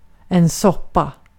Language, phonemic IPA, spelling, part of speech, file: Swedish, /ˈsɔpˌa/, soppa, noun, Sv-soppa.ogg
- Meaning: 1. soup (dish) 2. mess; an unordered, chaotic and problematic situation 3. juice (gas, petrol)